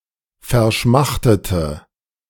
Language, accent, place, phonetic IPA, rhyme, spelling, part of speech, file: German, Germany, Berlin, [fɛɐ̯ˈʃmaxtətə], -axtətə, verschmachtete, adjective / verb, De-verschmachtete.ogg
- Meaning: inflection of verschmachten: 1. first/third-person singular preterite 2. first/third-person singular subjunctive II